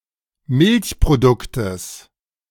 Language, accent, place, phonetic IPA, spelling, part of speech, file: German, Germany, Berlin, [ˈmɪlçpʁoˌdʊktəs], Milchproduktes, noun, De-Milchproduktes.ogg
- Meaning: genitive singular of Milchprodukt